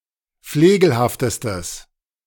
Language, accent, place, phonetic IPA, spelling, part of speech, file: German, Germany, Berlin, [ˈfleːɡl̩haftəstəs], flegelhaftestes, adjective, De-flegelhaftestes.ogg
- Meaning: strong/mixed nominative/accusative neuter singular superlative degree of flegelhaft